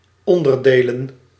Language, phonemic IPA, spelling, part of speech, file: Dutch, /ˈɔndərˌdelə(n)/, onderdelen, noun, Nl-onderdelen.ogg
- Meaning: plural of onderdeel